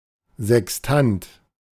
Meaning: sextant
- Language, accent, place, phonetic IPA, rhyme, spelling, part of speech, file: German, Germany, Berlin, [zɛksˈtant], -ant, Sextant, noun, De-Sextant.ogg